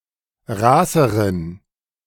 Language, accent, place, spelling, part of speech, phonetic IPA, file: German, Germany, Berlin, raßeren, adjective, [ˈʁaːsəʁən], De-raßeren.ogg
- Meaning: inflection of raß: 1. strong genitive masculine/neuter singular comparative degree 2. weak/mixed genitive/dative all-gender singular comparative degree